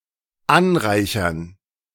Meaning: 1. to enrich, fortify 2. to accumulate
- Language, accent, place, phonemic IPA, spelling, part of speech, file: German, Germany, Berlin, /ˈʔanˌʁaɪ̯çɐn/, anreichern, verb, De-anreichern.ogg